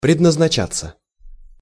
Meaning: 1. to be intended 2. passive of предназнача́ть (prednaznačátʹ)
- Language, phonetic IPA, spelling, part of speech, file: Russian, [prʲɪdnəznɐˈt͡ɕat͡sːə], предназначаться, verb, Ru-предназначаться.ogg